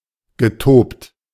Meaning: past participle of toben
- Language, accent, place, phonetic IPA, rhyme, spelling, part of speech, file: German, Germany, Berlin, [ɡəˈtoːpt], -oːpt, getobt, verb, De-getobt.ogg